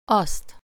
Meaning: accusative singular of az
- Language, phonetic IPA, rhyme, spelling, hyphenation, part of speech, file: Hungarian, [ˈɒst], -ɒst, azt, azt, pronoun, Hu-azt.ogg